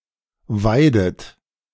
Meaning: inflection of weiden: 1. second-person plural present 2. second-person plural subjunctive I 3. third-person singular present 4. plural imperative
- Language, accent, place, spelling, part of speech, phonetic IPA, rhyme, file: German, Germany, Berlin, weidet, verb, [ˈvaɪ̯dət], -aɪ̯dət, De-weidet.ogg